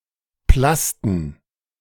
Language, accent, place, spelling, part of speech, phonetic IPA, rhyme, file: German, Germany, Berlin, Plasten, noun, [ˈplastn̩], -astn̩, De-Plasten.ogg
- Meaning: plural of Plaste